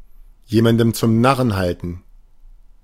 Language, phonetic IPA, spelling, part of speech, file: German, [ˈjeːmandn̩ t͡sʊm ˈnaʁən ˈhaltn̩], jemanden zum Narren halten, phrase, De-jemanden zum Narren halten.ogg